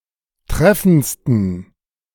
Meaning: 1. superlative degree of treffend 2. inflection of treffend: strong genitive masculine/neuter singular superlative degree
- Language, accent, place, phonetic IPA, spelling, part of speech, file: German, Germany, Berlin, [ˈtʁɛfn̩t͡stən], treffendsten, adjective, De-treffendsten.ogg